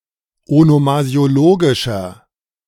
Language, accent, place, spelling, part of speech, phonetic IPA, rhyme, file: German, Germany, Berlin, onomasiologischer, adjective, [onomazi̯oˈloːɡɪʃɐ], -oːɡɪʃɐ, De-onomasiologischer.ogg
- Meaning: inflection of onomasiologisch: 1. strong/mixed nominative masculine singular 2. strong genitive/dative feminine singular 3. strong genitive plural